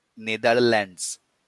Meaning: Netherlands (the main constituent country of the Kingdom of the Netherlands, located primarily in Western Europe bordering Germany and Belgium)
- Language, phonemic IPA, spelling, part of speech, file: Bengali, /ned̪aɾlɛnds/, নেদারল্যান্ডস, proper noun, LL-Q9610 (ben)-নেদারল্যান্ডস.wav